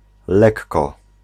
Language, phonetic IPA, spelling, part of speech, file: Polish, [ˈlɛkːɔ], lekko, adverb, Pl-lekko.ogg